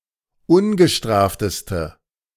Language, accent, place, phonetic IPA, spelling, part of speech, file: German, Germany, Berlin, [ˈʊnɡəˌʃtʁaːftəstə], ungestrafteste, adjective, De-ungestrafteste.ogg
- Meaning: inflection of ungestraft: 1. strong/mixed nominative/accusative feminine singular superlative degree 2. strong nominative/accusative plural superlative degree